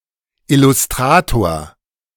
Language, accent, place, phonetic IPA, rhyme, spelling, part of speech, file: German, Germany, Berlin, [ɪlʊsˈtʁaːtoːɐ̯], -aːtoːɐ̯, Illustrator, noun, De-Illustrator.ogg
- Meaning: illustrator